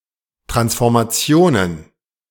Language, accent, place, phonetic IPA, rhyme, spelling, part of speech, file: German, Germany, Berlin, [tʁansfɔʁmaˈt͡si̯oːnən], -oːnən, Transformationen, noun, De-Transformationen.ogg
- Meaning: plural of Transformation